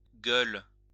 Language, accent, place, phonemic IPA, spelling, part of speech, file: French, France, Lyon, /ɡœl/, gueules, noun / verb, LL-Q150 (fra)-gueules.wav
- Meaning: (noun) 1. plural of gueule 2. gules, red color of the blazon, only when used in the expression de gueules; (verb) second-person singular present indicative/subjunctive of gueuler